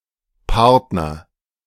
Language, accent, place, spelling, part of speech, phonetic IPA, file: German, Germany, Berlin, Partner, noun, [ˈpaʁtnɐ], De-Partner.ogg
- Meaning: partner, associate (male or of unspecified gender)